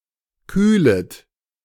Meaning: second-person plural subjunctive I of kühlen
- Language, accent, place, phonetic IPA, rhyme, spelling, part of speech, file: German, Germany, Berlin, [ˈkyːlət], -yːlət, kühlet, verb, De-kühlet.ogg